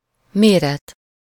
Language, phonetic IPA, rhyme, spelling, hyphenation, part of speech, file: Hungarian, [ˈmeːrɛt], -ɛt, méret, mé‧ret, noun / verb, Hu-méret.ogg
- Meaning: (noun) size (dimensions or magnitude of a thing); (verb) causative of mér: to have someone measure something or to have something measured